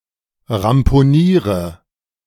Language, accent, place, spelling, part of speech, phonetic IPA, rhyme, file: German, Germany, Berlin, ramponiere, verb, [ʁampoˈniːʁə], -iːʁə, De-ramponiere.ogg
- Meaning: inflection of ramponieren: 1. first-person singular present 2. first/third-person singular subjunctive I 3. singular imperative